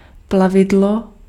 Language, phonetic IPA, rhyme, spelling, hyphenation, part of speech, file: Czech, [ˈplavɪdlo], -ɪdlo, plavidlo, pla‧vi‧d‧lo, noun, Cs-plavidlo.ogg
- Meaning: watercraft